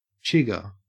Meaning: A chigoe (Tunga penetrans), a kind of flea found in tropical climates
- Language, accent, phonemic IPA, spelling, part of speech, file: English, Australia, /ˈt͡ʃɪɡɚ/, chigger, noun, En-au-chigger.ogg